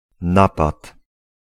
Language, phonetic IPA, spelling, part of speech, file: Polish, [ˈnapat], napad, noun, Pl-napad.ogg